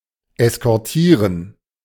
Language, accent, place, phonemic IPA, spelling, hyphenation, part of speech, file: German, Germany, Berlin, /ɛskɔʁˈtiːʁən/, eskortieren, es‧kor‧tie‧ren, verb, De-eskortieren.ogg
- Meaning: to escort